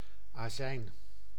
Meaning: vinegar (condiment)
- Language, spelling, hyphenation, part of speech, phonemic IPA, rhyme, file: Dutch, azijn, azijn, noun, /aːˈzɛi̯n/, -ɛi̯n, Nl-azijn.ogg